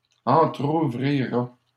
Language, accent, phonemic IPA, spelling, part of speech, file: French, Canada, /ɑ̃.tʁu.vʁi.ʁa/, entrouvrira, verb, LL-Q150 (fra)-entrouvrira.wav
- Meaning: third-person singular simple future of entrouvrir